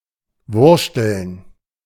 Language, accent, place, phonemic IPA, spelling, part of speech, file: German, Germany, Berlin, /ˈvʊʁʃtəln/, wurschteln, verb, De-wurschteln.ogg
- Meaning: alternative form of wursteln